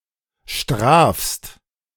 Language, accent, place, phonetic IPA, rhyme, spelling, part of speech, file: German, Germany, Berlin, [ʃtʁaːfst], -aːfst, strafst, verb, De-strafst.ogg
- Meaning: second-person singular present of strafen